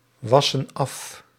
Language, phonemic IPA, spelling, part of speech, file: Dutch, /ˈwɑsə(n) ˈɑf/, wassen af, verb, Nl-wassen af.ogg
- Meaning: inflection of afwassen: 1. plural present indicative 2. plural present subjunctive